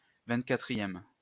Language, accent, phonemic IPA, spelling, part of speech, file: French, France, /vɛ̃t.ka.tʁi.jɛm/, vingt-quatrième, adjective / noun, LL-Q150 (fra)-vingt-quatrième.wav
- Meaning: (adjective) twenty-fourth